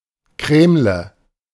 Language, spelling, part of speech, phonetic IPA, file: German, Krämle, noun, [ˈkʁɛːmlə], De-Krämle.ogg